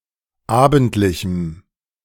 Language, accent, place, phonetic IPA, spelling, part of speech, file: German, Germany, Berlin, [ˈaːbn̩tlɪçm̩], abendlichem, adjective, De-abendlichem.ogg
- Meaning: strong dative masculine/neuter singular of abendlich